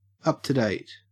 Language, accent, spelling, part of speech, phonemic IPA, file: English, Australia, up-to-date, adjective, /ˌʌp tə ˈdeɪt/, En-au-up-to-date.ogg
- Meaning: 1. Current; recent; the latest 2. Informed about the latest news or developments; abreast